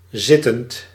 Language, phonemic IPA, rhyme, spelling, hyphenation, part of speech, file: Dutch, /ˈzɪ.tənt/, -ɪtənt, zittend, zit‧tend, adjective / verb, Nl-zittend.ogg
- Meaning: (adjective) 1. seated, sitting 2. incumbent; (verb) present participle of zitten